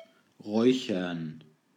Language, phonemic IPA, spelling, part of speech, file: German, /ˈʁɔʏ̯çɐn/, räuchern, verb, De-räuchern.ogg
- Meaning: 1. to smoke (food), to cure 2. to fumigate (a place) (now chiefly with incense, otherwise use ausräuchern)